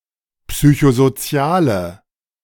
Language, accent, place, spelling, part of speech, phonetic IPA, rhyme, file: German, Germany, Berlin, psychosoziale, adjective, [ˌpsyçozoˈt͡si̯aːlə], -aːlə, De-psychosoziale.ogg
- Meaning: inflection of psychosozial: 1. strong/mixed nominative/accusative feminine singular 2. strong nominative/accusative plural 3. weak nominative all-gender singular